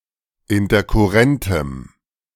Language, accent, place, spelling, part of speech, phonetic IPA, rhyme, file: German, Germany, Berlin, interkurrentem, adjective, [ɪntɐkʊˈʁɛntəm], -ɛntəm, De-interkurrentem.ogg
- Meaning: strong dative masculine/neuter singular of interkurrent